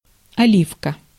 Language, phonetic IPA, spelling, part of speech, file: Russian, [ɐˈlʲifkə], оливка, noun, Ru-оливка.ogg
- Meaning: olive